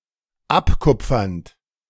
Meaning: present participle of abkupfern
- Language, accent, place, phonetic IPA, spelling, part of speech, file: German, Germany, Berlin, [ˈapˌkʊp͡fɐnt], abkupfernd, verb, De-abkupfernd.ogg